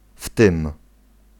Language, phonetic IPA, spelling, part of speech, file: Polish, [f‿tɨ̃m], w tym, adverbial phrase, Pl-w tym.ogg